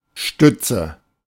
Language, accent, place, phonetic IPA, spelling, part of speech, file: German, Germany, Berlin, [ˈʃtʏt͡sə], Stütze, noun, De-Stütze.ogg
- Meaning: 1. support, prop (in the form of a pillar, strut) 2. (unemployment, etc.) benefits; dole